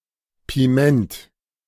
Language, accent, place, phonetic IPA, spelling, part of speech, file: German, Germany, Berlin, [piˈmɛnt], Piment, noun, De-Piment.ogg
- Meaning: allspice